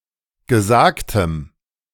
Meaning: strong dative masculine/neuter singular of gesagt
- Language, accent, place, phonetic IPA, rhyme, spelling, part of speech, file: German, Germany, Berlin, [ɡəˈzaːktəm], -aːktəm, gesagtem, adjective, De-gesagtem.ogg